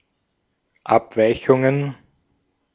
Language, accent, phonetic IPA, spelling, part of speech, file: German, Austria, [ˈapˌvaɪ̯çʊŋən], Abweichungen, noun, De-at-Abweichungen.ogg
- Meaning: plural of Abweichung